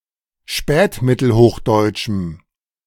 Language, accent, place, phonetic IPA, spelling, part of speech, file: German, Germany, Berlin, [ˈʃpɛːtmɪtl̩ˌhoːxdɔɪ̯t͡ʃm̩], spätmittelhochdeutschem, adjective, De-spätmittelhochdeutschem.ogg
- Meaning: strong dative masculine/neuter singular of spätmittelhochdeutsch